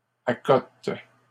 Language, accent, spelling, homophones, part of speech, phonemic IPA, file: French, Canada, accotes, accote / accotent, verb, /a.kɔt/, LL-Q150 (fra)-accotes.wav
- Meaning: second-person singular present indicative/subjunctive of accoter